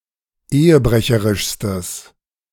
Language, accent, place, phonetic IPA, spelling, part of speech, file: German, Germany, Berlin, [ˈeːəˌbʁɛçəʁɪʃstəs], ehebrecherischstes, adjective, De-ehebrecherischstes.ogg
- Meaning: strong/mixed nominative/accusative neuter singular superlative degree of ehebrecherisch